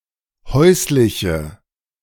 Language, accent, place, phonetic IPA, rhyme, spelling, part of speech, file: German, Germany, Berlin, [ˈhɔɪ̯slɪçə], -ɔɪ̯slɪçə, häusliche, adjective, De-häusliche.ogg
- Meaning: inflection of häuslich: 1. strong/mixed nominative/accusative feminine singular 2. strong nominative/accusative plural 3. weak nominative all-gender singular